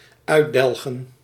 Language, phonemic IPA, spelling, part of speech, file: Dutch, /ˈœy̯ˌdɛlɣə(n)/, uitdelgen, verb, Nl-uitdelgen.ogg
- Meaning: to amortize (US), amortise (UK)